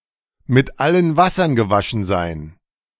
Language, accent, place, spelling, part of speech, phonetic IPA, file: German, Germany, Berlin, mit allen Wassern gewaschen sein, phrase, [mɪt ˈalən ˈvasɐn ɡəˈvaʃn̩ zaɪ̯n], De-mit allen Wassern gewaschen sein.ogg